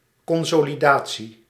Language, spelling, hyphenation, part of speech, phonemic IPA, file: Dutch, consolidatie, con‧so‧li‧da‧tie, noun, /ˌkɔn.soː.liˈdaː.(t)si/, Nl-consolidatie.ogg
- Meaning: consolidation, strengthening